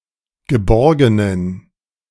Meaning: inflection of geborgen: 1. strong genitive masculine/neuter singular 2. weak/mixed genitive/dative all-gender singular 3. strong/weak/mixed accusative masculine singular 4. strong dative plural
- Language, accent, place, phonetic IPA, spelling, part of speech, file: German, Germany, Berlin, [ɡəˈbɔʁɡənən], geborgenen, adjective, De-geborgenen.ogg